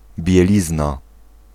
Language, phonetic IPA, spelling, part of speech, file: Polish, [bʲjɛˈlʲizna], bielizna, noun, Pl-bielizna.ogg